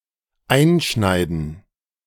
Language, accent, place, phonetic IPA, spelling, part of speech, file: German, Germany, Berlin, [ˈaɪ̯nˌʃnaɪ̯dn̩], einschneiden, verb, De-einschneiden.ogg
- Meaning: to engrave; to carve